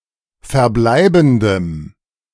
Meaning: strong dative masculine/neuter singular of verbleibend
- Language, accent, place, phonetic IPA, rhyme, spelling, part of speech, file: German, Germany, Berlin, [fɛɐ̯ˈblaɪ̯bn̩dəm], -aɪ̯bn̩dəm, verbleibendem, adjective, De-verbleibendem.ogg